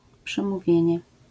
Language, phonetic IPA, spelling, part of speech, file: Polish, [ˌpʃɛ̃muˈvʲjɛ̇̃ɲɛ], przemówienie, noun, LL-Q809 (pol)-przemówienie.wav